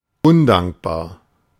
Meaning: ungrateful
- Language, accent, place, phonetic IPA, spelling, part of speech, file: German, Germany, Berlin, [ˈʊnˌdaŋkbaːɐ̯], undankbar, adjective, De-undankbar.ogg